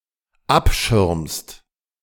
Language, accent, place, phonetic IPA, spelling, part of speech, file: German, Germany, Berlin, [ˈapˌʃɪʁmst], abschirmst, verb, De-abschirmst.ogg
- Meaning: second-person singular dependent present of abschirmen